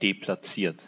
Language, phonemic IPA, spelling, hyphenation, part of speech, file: German, /ˈdeːplaˌtsiːɐ̯t/, deplatziert, de‧plat‧ziert, adjective, De-deplatziert.ogg
- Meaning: misplaced, out of place